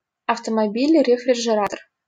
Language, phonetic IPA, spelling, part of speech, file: Russian, [rʲɪfrʲɪʐɨˈratər], рефрижератор, noun, LL-Q7737 (rus)-рефрижератор.wav
- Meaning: refrigerator (appliance that refrigerates food)